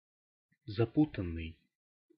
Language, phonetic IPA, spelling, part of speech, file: Russian, [zɐˈputən(ː)ɨj], запутанный, verb / adjective, Ru-запутанный.ogg
- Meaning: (verb) past passive perfective participle of запу́тать (zapútatʹ); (adjective) 1. tangled 2. intricate, confused